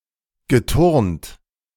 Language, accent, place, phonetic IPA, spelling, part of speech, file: German, Germany, Berlin, [ɡəˈtʊʁnt], geturnt, verb, De-geturnt.ogg
- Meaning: past participle of turnen